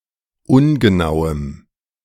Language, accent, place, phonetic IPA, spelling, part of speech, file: German, Germany, Berlin, [ˈʊnɡəˌnaʊ̯əm], ungenauem, adjective, De-ungenauem.ogg
- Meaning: strong dative masculine/neuter singular of ungenau